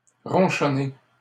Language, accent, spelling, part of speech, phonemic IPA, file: French, Canada, ronchonner, verb, /ʁɔ̃.ʃɔ.ne/, LL-Q150 (fra)-ronchonner.wav
- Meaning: to grumble, grouse